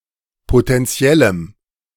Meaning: strong dative masculine/neuter singular of potentiell
- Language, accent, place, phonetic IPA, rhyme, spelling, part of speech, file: German, Germany, Berlin, [potɛnˈt͡si̯ɛləm], -ɛləm, potentiellem, adjective, De-potentiellem.ogg